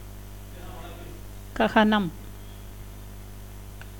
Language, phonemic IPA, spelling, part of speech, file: Tamil, /kɐɡɐnɐm/, ககனம், noun, Ta-ககனம்.ogg
- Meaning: 1. sky, heaven 2. air, atmosphere